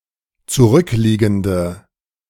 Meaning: inflection of zurückliegend: 1. strong/mixed nominative/accusative feminine singular 2. strong nominative/accusative plural 3. weak nominative all-gender singular
- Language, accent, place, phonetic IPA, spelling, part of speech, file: German, Germany, Berlin, [t͡suˈʁʏkˌliːɡn̩də], zurückliegende, adjective, De-zurückliegende.ogg